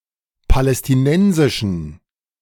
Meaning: inflection of palästinensisch: 1. strong genitive masculine/neuter singular 2. weak/mixed genitive/dative all-gender singular 3. strong/weak/mixed accusative masculine singular 4. strong dative plural
- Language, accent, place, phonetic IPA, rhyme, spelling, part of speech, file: German, Germany, Berlin, [palɛstɪˈnɛnzɪʃn̩], -ɛnzɪʃn̩, palästinensischen, adjective, De-palästinensischen.ogg